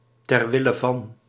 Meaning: for the sake of
- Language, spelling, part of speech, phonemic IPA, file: Dutch, ter wille van, preposition, /tɛr ʋɪlə vɑn/, Nl-ter wille van.ogg